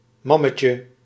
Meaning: diminutive of mam
- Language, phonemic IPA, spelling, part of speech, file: Dutch, /ˈmɑməcə/, mammetje, noun, Nl-mammetje.ogg